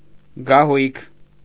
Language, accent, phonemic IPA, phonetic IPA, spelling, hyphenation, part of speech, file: Armenian, Eastern Armenian, /ɡɑˈhujkʰ/, [ɡɑhújkʰ], գահույք, գա‧հույք, noun, Hy-գահույք.ogg
- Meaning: 1. throne 2. bed 3. palanquin 4. armchair 5. high place